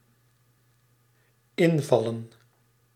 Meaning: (noun) plural of inval; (verb) 1. to fall into 2. to begin abruptly, to suddenly start appearing 3. to fill in (e.g. for someone who is sick) 4. to strike
- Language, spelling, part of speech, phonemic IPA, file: Dutch, invallen, verb / noun, /ˈɪɱvɑlə(n)/, Nl-invallen.ogg